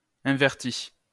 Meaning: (verb) past participle of invertir; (noun) an invert; a homosexual
- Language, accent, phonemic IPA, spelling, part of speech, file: French, France, /ɛ̃.vɛʁ.ti/, inverti, verb / noun, LL-Q150 (fra)-inverti.wav